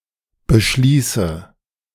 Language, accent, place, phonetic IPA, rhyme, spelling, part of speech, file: German, Germany, Berlin, [bəˈʃliːsə], -iːsə, beschließe, verb, De-beschließe.ogg
- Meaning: inflection of beschließen: 1. first-person singular present 2. first/third-person singular subjunctive I 3. singular imperative